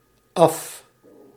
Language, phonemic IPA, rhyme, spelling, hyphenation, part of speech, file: Dutch, /ɑf/, -ɑf, af, af, adverb / adjective, Nl-af.ogg
- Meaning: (adverb) 1. off 2. off, from (implying motion); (adjective) 1. finished, done (when working on something) 2. out, dismissed from play under the rules of the game, e.g. by having been tagged